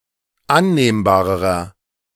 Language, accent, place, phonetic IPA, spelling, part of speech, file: German, Germany, Berlin, [ˈanneːmbaːʁəʁɐ], annehmbarerer, adjective, De-annehmbarerer.ogg
- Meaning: inflection of annehmbar: 1. strong/mixed nominative masculine singular comparative degree 2. strong genitive/dative feminine singular comparative degree 3. strong genitive plural comparative degree